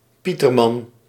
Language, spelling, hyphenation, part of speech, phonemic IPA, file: Dutch, pieterman, pie‧ter‧man, noun, /ˈpi.tərˌmɑn/, Nl-pieterman.ogg
- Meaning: 1. weever, any individual fish or species of the family Trachinidae 2. certain monetary units: euro 3. certain monetary units: guilder